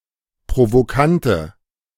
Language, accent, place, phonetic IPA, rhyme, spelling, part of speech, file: German, Germany, Berlin, [pʁovoˈkantə], -antə, provokante, adjective, De-provokante.ogg
- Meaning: inflection of provokant: 1. strong/mixed nominative/accusative feminine singular 2. strong nominative/accusative plural 3. weak nominative all-gender singular